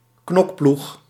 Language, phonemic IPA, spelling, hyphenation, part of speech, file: Dutch, /ˈknɔk.plux/, knokploeg, knok‧ploeg, noun, Nl-knokploeg.ogg
- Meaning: a hit squad, fighting squad, goon squad